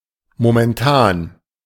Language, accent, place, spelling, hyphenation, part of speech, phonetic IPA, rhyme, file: German, Germany, Berlin, momentan, mo‧men‧tan, adjective / adverb, [momɛnˈtaːn], -aːn, De-momentan.ogg
- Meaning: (adjective) 1. current 2. present; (adverb) 1. at the moment 2. currently 3. for the time being 4. just now 5. presently